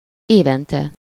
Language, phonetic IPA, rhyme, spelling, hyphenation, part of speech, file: Hungarian, [ˈeːvɛntɛ], -tɛ, évente, éven‧te, adverb, Hu-évente.ogg
- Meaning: yearly (once a year)